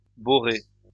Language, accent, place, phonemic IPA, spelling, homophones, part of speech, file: French, France, Lyon, /bɔ.ʁe/, borée, boré / borées / borés, adjective, LL-Q150 (fra)-borée.wav
- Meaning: feminine singular of boré